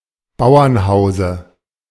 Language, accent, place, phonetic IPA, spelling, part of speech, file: German, Germany, Berlin, [ˈbaʊ̯ɐnˌhaʊ̯zə], Bauernhause, noun, De-Bauernhause.ogg
- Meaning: dative of Bauernhaus